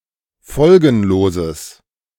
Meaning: strong/mixed nominative/accusative neuter singular of folgenlos
- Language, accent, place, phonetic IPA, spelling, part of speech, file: German, Germany, Berlin, [ˈfɔlɡn̩loːzəs], folgenloses, adjective, De-folgenloses.ogg